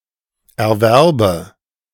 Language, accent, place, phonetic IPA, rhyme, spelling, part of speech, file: German, Germany, Berlin, [ɛɐ̯ˈvɛʁbə], -ɛʁbə, Erwerbe, noun, De-Erwerbe.ogg
- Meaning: nominative/accusative/genitive plural of Erwerb